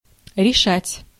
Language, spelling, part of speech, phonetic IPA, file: Russian, решать, verb, [rʲɪˈʂatʲ], Ru-решать.ogg
- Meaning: 1. to solve, to settle 2. to decide, to resolve, to make up one's mind, to determine